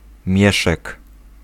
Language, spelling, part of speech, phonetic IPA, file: Polish, mieszek, noun, [ˈmʲjɛʃɛk], Pl-mieszek.ogg